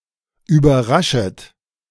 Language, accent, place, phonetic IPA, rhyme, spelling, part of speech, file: German, Germany, Berlin, [yːbɐˈʁaʃət], -aʃət, überraschet, verb, De-überraschet.ogg
- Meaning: second-person plural subjunctive I of überraschen